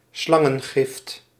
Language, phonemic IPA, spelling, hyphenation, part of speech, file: Dutch, /ˈslɑ.ŋə(n)ˌɣɪft/, slangengift, slan‧gen‧gift, noun, Nl-slangengift.ogg
- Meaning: dated form of slangengif